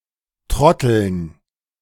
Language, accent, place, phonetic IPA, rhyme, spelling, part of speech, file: German, Germany, Berlin, [ˈtʁɔtl̩n], -ɔtl̩n, Trotteln, noun, De-Trotteln.ogg
- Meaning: dative plural of Trottel